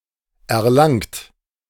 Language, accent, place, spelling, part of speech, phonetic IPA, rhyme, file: German, Germany, Berlin, erlangt, verb, [ɛɐ̯ˈlaŋt], -aŋt, De-erlangt.ogg
- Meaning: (verb) past participle of erlangen; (adjective) 1. acquired 2. achieved, gained, attained